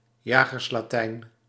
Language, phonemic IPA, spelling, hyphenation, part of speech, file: Dutch, /ˈjaː.ɣərs.laːˌtɛi̯n/, jagerslatijn, ja‧gers‧la‧tijn, noun, Nl-jagerslatijn.ogg
- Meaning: 1. hunting jargon 2. hunting-related tall stories, hunting-related boasting